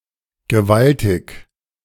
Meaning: 1. enormous, huge 2. massive, mighty
- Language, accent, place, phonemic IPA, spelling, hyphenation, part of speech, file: German, Germany, Berlin, /ɡəˈvaltɪç/, gewaltig, ge‧wal‧tig, adjective, De-gewaltig2.ogg